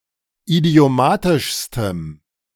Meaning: strong dative masculine/neuter singular superlative degree of idiomatisch
- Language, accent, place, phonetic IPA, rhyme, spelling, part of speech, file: German, Germany, Berlin, [idi̯oˈmaːtɪʃstəm], -aːtɪʃstəm, idiomatischstem, adjective, De-idiomatischstem.ogg